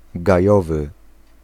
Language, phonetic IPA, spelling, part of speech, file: Polish, [ɡaˈjɔvɨ], gajowy, adjective / noun, Pl-gajowy.ogg